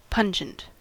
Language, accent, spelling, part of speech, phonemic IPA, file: English, US, pungent, adjective, /ˈpʌnd͡ʒənt/, En-us-pungent.ogg
- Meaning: Having a strong odor that stings the nose; said especially of acidic or spicy substances